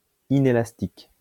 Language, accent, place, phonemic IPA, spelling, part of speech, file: French, France, Lyon, /i.ne.las.tik/, inélastique, adjective, LL-Q150 (fra)-inélastique.wav
- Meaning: 1. inelastic 2. inelastic (insensitive to changes in price)